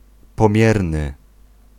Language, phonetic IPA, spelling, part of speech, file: Polish, [pɔ̃ˈmʲjɛrnɨ], pomierny, adjective, Pl-pomierny.ogg